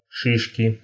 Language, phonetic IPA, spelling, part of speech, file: Russian, [ˈʂɨʂkʲɪ], шишки, noun, Ru-ши́шки.ogg
- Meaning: inflection of ши́шка (šíška): 1. genitive singular 2. nominative plural 3. inanimate accusative plural